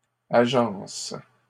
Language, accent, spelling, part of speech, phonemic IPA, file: French, Canada, agences, noun, /a.ʒɑ̃s/, LL-Q150 (fra)-agences.wav
- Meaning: plural of agence